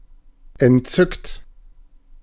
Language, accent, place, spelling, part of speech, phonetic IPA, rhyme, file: German, Germany, Berlin, entzückt, adjective / verb, [ɛntˈt͡sʏkt], -ʏkt, De-entzückt.ogg
- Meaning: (verb) past participle of entzücken; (adjective) enchanted, thrilled, delighted, charmed